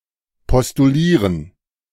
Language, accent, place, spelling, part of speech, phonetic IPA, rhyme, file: German, Germany, Berlin, postulieren, verb, [pɔstuˈliːʁən], -iːʁən, De-postulieren.ogg
- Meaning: to postulate